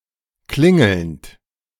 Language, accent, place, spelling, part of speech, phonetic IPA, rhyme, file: German, Germany, Berlin, klingelnd, verb, [ˈklɪŋl̩nt], -ɪŋl̩nt, De-klingelnd.ogg
- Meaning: present participle of klingeln